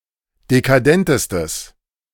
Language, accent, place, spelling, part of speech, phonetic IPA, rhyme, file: German, Germany, Berlin, dekadentestes, adjective, [dekaˈdɛntəstəs], -ɛntəstəs, De-dekadentestes.ogg
- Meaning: strong/mixed nominative/accusative neuter singular superlative degree of dekadent